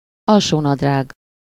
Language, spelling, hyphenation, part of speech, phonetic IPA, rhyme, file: Hungarian, alsónadrág, al‧só‧nad‧rág, noun, [ˈɒlʃoːnɒdraːɡ], -aːɡ, Hu-alsónadrág.ogg
- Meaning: underpants (men's underwear that covers the lower body and part of the legs)